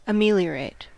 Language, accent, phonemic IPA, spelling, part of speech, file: English, US, /əˈmiːli.əɹeɪt/, ameliorate, verb, En-us-ameliorate.ogg
- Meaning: 1. To make better, or improve, something perceived to be in a negative condition 2. To become better; improve